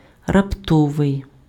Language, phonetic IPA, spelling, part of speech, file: Ukrainian, [rɐpˈtɔʋei̯], раптовий, adjective, Uk-раптовий.ogg
- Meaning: sudden (happening quickly and with little or no warning)